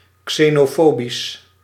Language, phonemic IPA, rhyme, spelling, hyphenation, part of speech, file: Dutch, /ˌkseːnoːˈfoː.bis/, -oːbis, xenofobisch, xe‧no‧fo‧bisch, adjective, Nl-xenofobisch.ogg
- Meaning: xenophobic